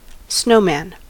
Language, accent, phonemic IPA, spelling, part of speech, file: English, US, /ˈsnoʊ.mæn/, snowman, noun, En-us-snowman.ogg
- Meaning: A humanoid figure made with large snowballs stacked on each other. Human traits like a face and arms may be fashioned with sticks (arms), a carrot (nose), and stones or coal (eyes, mouth)